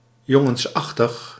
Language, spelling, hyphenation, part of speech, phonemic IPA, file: Dutch, jongensachtig, jon‧gens‧ach‧tig, adjective, /ˈjɔ.ŋə(n)sˌɑx.təx/, Nl-jongensachtig.ogg
- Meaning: boyish, boylike